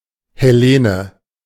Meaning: Hellene (person)
- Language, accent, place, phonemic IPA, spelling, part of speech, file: German, Germany, Berlin, /hɛˈleːnə/, Hellene, noun, De-Hellene.ogg